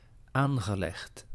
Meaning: past participle of aanleggen
- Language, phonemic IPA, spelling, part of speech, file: Dutch, /ˈaŋɣəˌlɛɣt/, aangelegd, adjective / verb, Nl-aangelegd.ogg